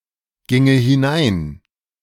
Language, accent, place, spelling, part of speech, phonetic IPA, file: German, Germany, Berlin, ginge hinein, verb, [ˌɡɪŋə hɪˈnaɪ̯n], De-ginge hinein.ogg
- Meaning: first/third-person singular subjunctive II of hineingehen